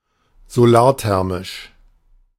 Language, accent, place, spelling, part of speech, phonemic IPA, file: German, Germany, Berlin, solarthermisch, adjective, /zoˈlaːɐ̯ˌtɛʁmɪʃ/, De-solarthermisch.ogg
- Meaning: using thermal energy from the Sun